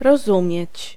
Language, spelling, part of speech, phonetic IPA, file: Polish, rozumieć, verb, [rɔˈzũmʲjɛ̇t͡ɕ], Pl-rozumieć.ogg